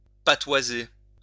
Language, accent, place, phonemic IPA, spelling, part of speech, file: French, France, Lyon, /pa.twa.ze/, patoiser, verb, LL-Q150 (fra)-patoiser.wav
- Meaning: to speak in patois